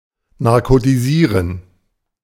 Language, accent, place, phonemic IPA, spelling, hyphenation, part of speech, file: German, Germany, Berlin, /naʁkotiˈziːʁən/, narkotisieren, nar‧ko‧ti‧sie‧ren, verb, De-narkotisieren.ogg
- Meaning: to narcotize